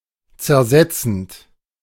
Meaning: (verb) present participle of zersetzen; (adjective) 1. corrosive 2. subversive
- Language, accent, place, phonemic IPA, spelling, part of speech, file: German, Germany, Berlin, /t͡sɛɐ̯ˈzɛt͡sn̩t/, zersetzend, verb / adjective, De-zersetzend.ogg